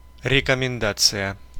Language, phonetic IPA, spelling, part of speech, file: Russian, [rʲɪkəmʲɪnˈdat͡sɨjə], рекомендация, noun, Ru-рекомендация.ogg
- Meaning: 1. recommendation, character reference 2. advice